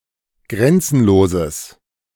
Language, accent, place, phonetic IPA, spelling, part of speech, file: German, Germany, Berlin, [ˈɡʁɛnt͡sn̩loːzəs], grenzenloses, adjective, De-grenzenloses.ogg
- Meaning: strong/mixed nominative/accusative neuter singular of grenzenlos